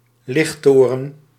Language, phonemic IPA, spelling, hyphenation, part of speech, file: Dutch, /ˈlɪxˌtoː.rə(n)/, lichttoren, licht‧to‧ren, noun, Nl-lichttoren.ogg
- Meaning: 1. lighthouse 2. any other tower that emits a large amount of light